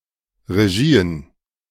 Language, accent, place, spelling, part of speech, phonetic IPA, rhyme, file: German, Germany, Berlin, Regien, noun, [ʁeˈʒiːən], -iːən, De-Regien.ogg
- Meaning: plural of Regie